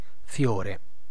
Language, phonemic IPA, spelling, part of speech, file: Italian, /ˈfjoːre/, fiore, noun, It-fiore.ogg